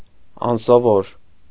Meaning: 1. unused, unaccustomed 2. unusual, strange, odd
- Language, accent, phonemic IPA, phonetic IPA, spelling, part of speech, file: Armenian, Eastern Armenian, /ɑnsoˈvoɾ/, [ɑnsovóɾ], անսովոր, adjective, Hy-անսովոր.ogg